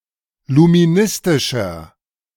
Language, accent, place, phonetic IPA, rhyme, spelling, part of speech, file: German, Germany, Berlin, [lumiˈnɪstɪʃɐ], -ɪstɪʃɐ, luministischer, adjective, De-luministischer.ogg
- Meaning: inflection of luministisch: 1. strong/mixed nominative masculine singular 2. strong genitive/dative feminine singular 3. strong genitive plural